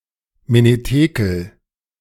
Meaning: writing on the wall
- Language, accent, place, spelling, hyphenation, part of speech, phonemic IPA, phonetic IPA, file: German, Germany, Berlin, Menetekel, Me‧ne‧te‧kel, noun, /ˌmeneˈteːkəl/, [ˌmeneˈteːkl̩], De-Menetekel.ogg